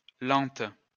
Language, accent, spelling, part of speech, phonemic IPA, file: French, France, lentes, adjective, /lɑ̃t/, LL-Q150 (fra)-lentes.wav
- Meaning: feminine plural of lent